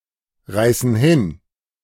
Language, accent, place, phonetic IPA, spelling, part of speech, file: German, Germany, Berlin, [ˌʁaɪ̯sn̩ ˈhɪn], reißen hin, verb, De-reißen hin.ogg
- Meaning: inflection of hinreißen: 1. first/third-person plural present 2. first/third-person plural subjunctive I